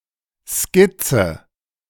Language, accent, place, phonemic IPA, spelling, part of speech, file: German, Germany, Berlin, /ˈskɪt͡sə/, Skizze, noun, De-Skizze.ogg
- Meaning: sketch